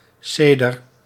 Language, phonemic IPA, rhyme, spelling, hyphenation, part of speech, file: Dutch, /ˈseː.dər/, -eːdər, seder, se‧der, noun, Nl-seder.ogg
- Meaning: 1. seder (Passover meal) 2. seder (portion of the Torah or Mishnah)